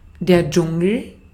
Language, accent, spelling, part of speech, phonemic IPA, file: German, Austria, Dschungel, noun, /ˈtʃʊŋəl/, De-at-Dschungel.ogg
- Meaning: 1. jungle 2. jungle, thicket, a place where things or instruments mingle to an extent that effort is required for an outsider to acquire an overview